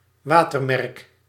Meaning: watermark (translucent image)
- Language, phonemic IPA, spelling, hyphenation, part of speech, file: Dutch, /ˈʋaː.tərˌmɛrk/, watermerk, wa‧ter‧merk, noun, Nl-watermerk.ogg